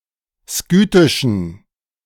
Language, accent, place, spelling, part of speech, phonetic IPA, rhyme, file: German, Germany, Berlin, skythischen, adjective, [ˈskyːtɪʃn̩], -yːtɪʃn̩, De-skythischen.ogg
- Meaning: inflection of skythisch: 1. strong genitive masculine/neuter singular 2. weak/mixed genitive/dative all-gender singular 3. strong/weak/mixed accusative masculine singular 4. strong dative plural